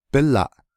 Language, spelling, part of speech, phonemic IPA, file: Navajo, bílaʼ, noun, /pɪ́lɑ̀ʔ/, Nv-bílaʼ.ogg
- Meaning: 1. his/her hand 2. his/her finger